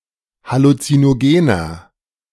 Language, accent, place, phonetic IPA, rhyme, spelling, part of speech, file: German, Germany, Berlin, [halut͡sinoˈɡeːnɐ], -eːnɐ, halluzinogener, adjective, De-halluzinogener.ogg
- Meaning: inflection of halluzinogen: 1. strong/mixed nominative masculine singular 2. strong genitive/dative feminine singular 3. strong genitive plural